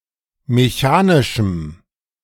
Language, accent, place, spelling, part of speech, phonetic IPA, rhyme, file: German, Germany, Berlin, mechanischem, adjective, [meˈçaːnɪʃm̩], -aːnɪʃm̩, De-mechanischem.ogg
- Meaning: strong dative masculine/neuter singular of mechanisch